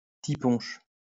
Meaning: daiquiri
- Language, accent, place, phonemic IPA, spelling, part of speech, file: French, France, Lyon, /ti.pɔ̃ʃ/, ti-punch, noun, LL-Q150 (fra)-ti-punch.wav